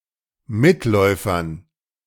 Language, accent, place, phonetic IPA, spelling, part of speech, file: German, Germany, Berlin, [ˈmɪtˌlɔɪ̯fɐn], Mitläufern, noun, De-Mitläufern.ogg
- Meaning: dative plural of Mitläufer